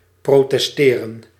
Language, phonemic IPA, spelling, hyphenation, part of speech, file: Dutch, /ˌproː.tɛsˈteː.rə(n)/, protesteren, pro‧tes‧te‧ren, verb, Nl-protesteren.ogg
- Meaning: to protest, to demonstrate